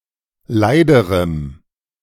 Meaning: strong dative masculine/neuter singular comparative degree of leid
- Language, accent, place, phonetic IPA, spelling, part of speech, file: German, Germany, Berlin, [ˈlaɪ̯dəʁəm], leiderem, adjective, De-leiderem.ogg